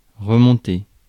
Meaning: 1. to go back up, to come back up, to climb again, to reclimb 2. to rise again, to go up again 3. to go up, to ride up 4. to go back, to return 5. to go back, to date back, to hearken back (à to)
- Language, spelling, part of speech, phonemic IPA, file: French, remonter, verb, /ʁə.mɔ̃.te/, Fr-remonter.ogg